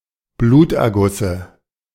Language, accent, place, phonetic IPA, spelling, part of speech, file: German, Germany, Berlin, [ˈbluːtʔɛɐ̯ˌɡʊsə], Blutergusse, noun, De-Blutergusse.ogg
- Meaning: dative singular of Bluterguss